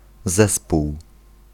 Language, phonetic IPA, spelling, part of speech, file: Polish, [ˈzɛspuw], zespół, noun, Pl-zespół.ogg